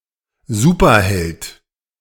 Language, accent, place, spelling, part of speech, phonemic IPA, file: German, Germany, Berlin, Superheld, noun, /ˈzuːpɐˌhɛlt/, De-Superheld.ogg
- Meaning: superhero